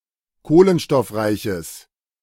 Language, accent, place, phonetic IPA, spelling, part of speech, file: German, Germany, Berlin, [ˈkoːlənʃtɔfˌʁaɪ̯çəs], kohlenstoffreiches, adjective, De-kohlenstoffreiches.ogg
- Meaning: strong/mixed nominative/accusative neuter singular of kohlenstoffreich